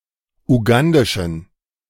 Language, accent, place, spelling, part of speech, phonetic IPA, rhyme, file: German, Germany, Berlin, ugandischen, adjective, [uˈɡandɪʃn̩], -andɪʃn̩, De-ugandischen.ogg
- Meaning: inflection of ugandisch: 1. strong genitive masculine/neuter singular 2. weak/mixed genitive/dative all-gender singular 3. strong/weak/mixed accusative masculine singular 4. strong dative plural